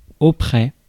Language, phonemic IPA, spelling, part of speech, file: French, /o.pʁɛ/, auprès, adverb, Fr-auprès.ogg
- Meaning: nearby